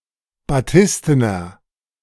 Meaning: inflection of batisten: 1. strong/mixed nominative masculine singular 2. strong genitive/dative feminine singular 3. strong genitive plural
- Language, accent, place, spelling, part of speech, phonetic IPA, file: German, Germany, Berlin, batistener, adjective, [baˈtɪstənɐ], De-batistener.ogg